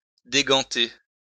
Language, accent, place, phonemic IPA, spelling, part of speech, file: French, France, Lyon, /de.ɡɑ̃.te/, déganter, verb, LL-Q150 (fra)-déganter.wav
- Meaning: to remove gloves from a hand